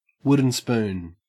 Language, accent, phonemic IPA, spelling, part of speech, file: English, Australia, /ˈwʊdən spuːn/, wooden spoon, noun, En-au-wooden spoon.ogg
- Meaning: 1. A spoon made from wood, commonly used in food preparation 2. An ironic prize for finishing last in a competition 3. The last junior optime who takes a university degree